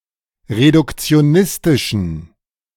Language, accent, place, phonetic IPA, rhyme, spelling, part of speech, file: German, Germany, Berlin, [ʁedʊkt͡si̯oˈnɪstɪʃn̩], -ɪstɪʃn̩, reduktionistischen, adjective, De-reduktionistischen.ogg
- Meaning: inflection of reduktionistisch: 1. strong genitive masculine/neuter singular 2. weak/mixed genitive/dative all-gender singular 3. strong/weak/mixed accusative masculine singular